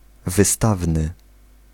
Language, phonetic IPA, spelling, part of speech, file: Polish, [vɨˈstavnɨ], wystawny, adjective, Pl-wystawny.ogg